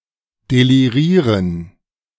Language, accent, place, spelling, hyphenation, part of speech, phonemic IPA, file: German, Germany, Berlin, delirieren, de‧li‧rie‧ren, verb, /deliˈʁiːʁən/, De-delirieren.ogg
- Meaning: to be delirious